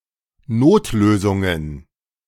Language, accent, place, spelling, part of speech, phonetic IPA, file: German, Germany, Berlin, Notlösungen, noun, [ˈnoːtˌløːzʊŋən], De-Notlösungen.ogg
- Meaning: plural of Notlösung